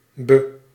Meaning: Used to indicate that a verb is acting on a direct object (making an intransitive verb into a transitive verb). Always unstressed
- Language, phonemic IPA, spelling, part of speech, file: Dutch, /bə/, be-, prefix, Nl-be-.ogg